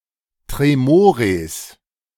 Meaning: plural of Tremor
- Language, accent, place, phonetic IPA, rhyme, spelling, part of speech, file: German, Germany, Berlin, [tʁeˈmoːʁeːs], -oːʁeːs, Tremores, noun, De-Tremores.ogg